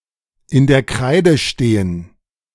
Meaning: to be in (someone's) debt
- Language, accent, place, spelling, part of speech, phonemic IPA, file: German, Germany, Berlin, in der Kreide stehen, verb, /ˌɪn dɐ ˈkʁaɪ̯də ˌʃteːən/, De-in der Kreide stehen.ogg